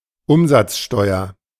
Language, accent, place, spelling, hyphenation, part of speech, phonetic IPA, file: German, Germany, Berlin, Umsatzsteuer, Um‧satz‧steu‧er, noun, [ˈʊmzat͡sˌʃtɔɪ̯ɐ], De-Umsatzsteuer.ogg
- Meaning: 1. turnover tax 2. value added tax